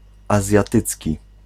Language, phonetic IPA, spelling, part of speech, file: Polish, [ˌazʲjaˈtɨt͡sʲci], azjatycki, adjective, Pl-azjatycki.ogg